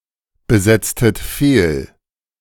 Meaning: inflection of fehlbesetzen: 1. second-person plural preterite 2. second-person plural subjunctive II
- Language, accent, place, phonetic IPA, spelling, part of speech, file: German, Germany, Berlin, [bəˌzɛt͡stət ˈfeːl], besetztet fehl, verb, De-besetztet fehl.ogg